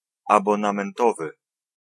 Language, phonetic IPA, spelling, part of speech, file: Polish, [ˌabɔ̃nãmɛ̃nˈtɔvɨ], abonamentowy, adjective, Pl-abonamentowy.ogg